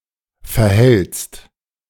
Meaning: second-person singular present of verhalten
- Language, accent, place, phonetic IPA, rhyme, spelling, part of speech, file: German, Germany, Berlin, [fɛɐ̯ˈhɛlt͡st], -ɛlt͡st, verhältst, verb, De-verhältst.ogg